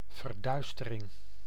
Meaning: 1. darkening 2. embezzlement 3. blackout; the mandatory blinding of all light emanating from houses to prevent bombing raids during the WW II occupation
- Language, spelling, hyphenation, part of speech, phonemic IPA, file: Dutch, verduistering, ver‧duis‧te‧ring, noun, /vərˈdœy̯s.tə.rɪŋ/, Nl-verduistering.ogg